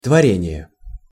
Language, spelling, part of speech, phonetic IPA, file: Russian, творение, noun, [tvɐˈrʲenʲɪje], Ru-творение.ogg
- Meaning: 1. creation, act of creating 2. creation, work 3. creature, being